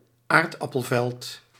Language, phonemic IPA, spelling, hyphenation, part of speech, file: Dutch, /ˈaːr.dɑ.pəlˌvɛlt/, aardappelveld, aard‧ap‧pel‧veld, noun, Nl-aardappelveld.ogg
- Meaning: potato field